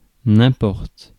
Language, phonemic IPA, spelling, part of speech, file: French, /ɛ̃.pɔʁt/, importe, verb, Fr-importe.ogg
- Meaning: inflection of importer: 1. first/third-person singular present indicative/subjunctive 2. second-person singular imperative